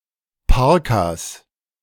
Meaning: 1. genitive singular of Parka 2. plural of Parka
- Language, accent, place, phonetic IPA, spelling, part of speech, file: German, Germany, Berlin, [ˈpaʁkaːs], Parkas, noun, De-Parkas.ogg